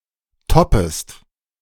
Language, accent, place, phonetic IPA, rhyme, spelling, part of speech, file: German, Germany, Berlin, [ˈtɔpəst], -ɔpəst, toppest, verb, De-toppest.ogg
- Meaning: second-person singular subjunctive I of toppen